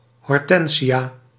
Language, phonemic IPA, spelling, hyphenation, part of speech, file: Dutch, /ˌɦɔrˈtɛn.zi.aː/, hortensia, hor‧ten‧sia, noun, Nl-hortensia.ogg
- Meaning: hydrangea, flowering plant of the genus Hydrangea